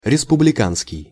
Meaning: republican
- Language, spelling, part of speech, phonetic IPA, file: Russian, республиканский, adjective, [rʲɪspʊblʲɪˈkanskʲɪj], Ru-республиканский.ogg